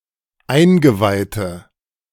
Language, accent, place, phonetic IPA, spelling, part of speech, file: German, Germany, Berlin, [ˈaɪ̯nɡəˌvaɪ̯tə], eingeweihte, adjective, De-eingeweihte.ogg
- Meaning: inflection of eingeweiht: 1. strong/mixed nominative/accusative feminine singular 2. strong nominative/accusative plural 3. weak nominative all-gender singular